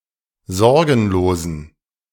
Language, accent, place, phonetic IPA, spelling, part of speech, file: German, Germany, Berlin, [ˈzɔʁɡn̩loːzn̩], sorgenlosen, adjective, De-sorgenlosen.ogg
- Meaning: inflection of sorgenlos: 1. strong genitive masculine/neuter singular 2. weak/mixed genitive/dative all-gender singular 3. strong/weak/mixed accusative masculine singular 4. strong dative plural